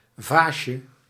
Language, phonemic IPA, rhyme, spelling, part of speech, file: Dutch, /ˈvaː.ʃə/, -aːʃə, vaasje, noun, Nl-vaasje.ogg
- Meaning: 1. diminutive of vaas 2. a downwards tapering beer glass, typically with a volume of about 0.25 to 0.33 litres